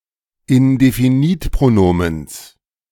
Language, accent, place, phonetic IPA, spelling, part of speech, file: German, Germany, Berlin, [ɪndefiˈniːtpʁoˌnoːməns], Indefinitpronomens, noun, De-Indefinitpronomens.ogg
- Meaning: genitive singular of Indefinitpronomen